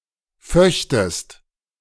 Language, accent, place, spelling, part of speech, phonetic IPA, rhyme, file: German, Germany, Berlin, föchtest, verb, [ˈfœçtəst], -œçtəst, De-föchtest.ogg
- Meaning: second-person singular subjunctive II of fechten